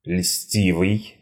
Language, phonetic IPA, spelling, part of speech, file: Russian, [ˈlʲsʲtʲivɨj], льстивый, adjective, Ru-льстивый.ogg
- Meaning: 1. flattering, sycophantic 2. smooth-tongued, smooth-speaking